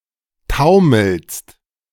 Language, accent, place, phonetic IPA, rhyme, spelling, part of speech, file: German, Germany, Berlin, [ˈtaʊ̯ml̩st], -aʊ̯ml̩st, taumelst, verb, De-taumelst.ogg
- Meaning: second-person singular present of taumeln